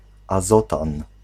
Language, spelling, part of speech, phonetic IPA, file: Polish, azotan, noun, [aˈzɔtãn], Pl-azotan.ogg